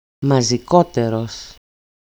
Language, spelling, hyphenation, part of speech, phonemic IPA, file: Greek, μαζικότερος, μα‧ζι‧κό‧τε‧ρος, adjective, /ma.zi.ˈko.te.ros/, EL-μαζικότερος.ogg
- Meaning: comparative degree of μαζικός (mazikós)